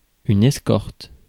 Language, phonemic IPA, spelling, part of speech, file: French, /ɛs.kɔʁt/, escorte, noun / verb, Fr-escorte.ogg
- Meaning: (noun) escort, suite; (verb) inflection of escorter: 1. first/third-person singular present indicative/subjunctive 2. second-person singular imperative